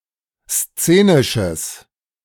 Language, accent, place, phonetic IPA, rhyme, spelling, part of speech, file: German, Germany, Berlin, [ˈst͡seːnɪʃəs], -eːnɪʃəs, szenisches, adjective, De-szenisches.ogg
- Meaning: strong/mixed nominative/accusative neuter singular of szenisch